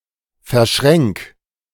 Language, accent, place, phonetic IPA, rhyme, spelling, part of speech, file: German, Germany, Berlin, [fɛɐ̯ˈʃʁɛŋk], -ɛŋk, verschränk, verb, De-verschränk.ogg
- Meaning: 1. singular imperative of verschränken 2. first-person singular present of verschränken